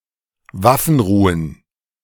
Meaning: plural of Waffenruhe
- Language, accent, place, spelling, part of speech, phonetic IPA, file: German, Germany, Berlin, Waffenruhen, noun, [ˈvafənˌʁuːən], De-Waffenruhen.ogg